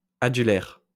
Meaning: adularia
- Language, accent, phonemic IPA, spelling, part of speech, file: French, France, /a.dy.lɛʁ/, adulaire, noun, LL-Q150 (fra)-adulaire.wav